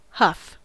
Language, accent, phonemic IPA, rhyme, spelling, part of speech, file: English, US, /hʌf/, -ʌf, huff, noun / verb, En-us-huff.ogg
- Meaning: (noun) 1. A heavy breath; a grunt or sigh 2. A condition of anger, annoyance, disgust, etc 3. One swelled with a false sense of importance or value; a boaster